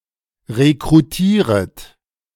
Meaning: second-person plural subjunctive I of rekrutieren
- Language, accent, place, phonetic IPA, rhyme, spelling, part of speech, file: German, Germany, Berlin, [ʁekʁuˈtiːʁət], -iːʁət, rekrutieret, verb, De-rekrutieret.ogg